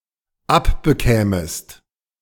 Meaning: second-person singular dependent subjunctive II of abbekommen
- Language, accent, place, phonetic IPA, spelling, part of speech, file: German, Germany, Berlin, [ˈapbəˌkɛːməst], abbekämest, verb, De-abbekämest.ogg